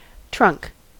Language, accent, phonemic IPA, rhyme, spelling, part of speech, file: English, US, /tɹʌŋk/, -ʌŋk, trunk, noun / verb, En-us-trunk.ogg
- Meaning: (noun) Part of a body.: 1. The usually single, more or less upright part of a tree, between the roots and the branches 2. The torso; especially, the human torso